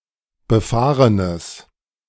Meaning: strong/mixed nominative/accusative neuter singular of befahren
- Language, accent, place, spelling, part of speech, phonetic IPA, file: German, Germany, Berlin, befahrenes, adjective, [bəˈfaːʁənəs], De-befahrenes.ogg